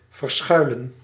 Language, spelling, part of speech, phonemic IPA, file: Dutch, verschuilen, verb, /vərˈsxœylə(n)/, Nl-verschuilen.ogg
- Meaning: 1. to hide, to make hidden 2. to hide, to be hidden, to lurk